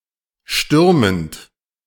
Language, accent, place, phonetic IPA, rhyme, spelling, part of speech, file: German, Germany, Berlin, [ˈʃtʏʁmənt], -ʏʁmənt, stürmend, verb, De-stürmend.ogg
- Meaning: present participle of stürmen